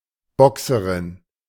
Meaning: boxer (female)
- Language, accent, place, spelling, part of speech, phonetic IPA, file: German, Germany, Berlin, Boxerin, noun, [ˈbɔksəʁɪn], De-Boxerin.ogg